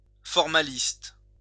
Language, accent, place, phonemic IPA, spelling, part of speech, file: French, France, Lyon, /fɔʁ.ma.list/, formaliste, adjective / noun, LL-Q150 (fra)-formaliste.wav
- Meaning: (adjective) formalist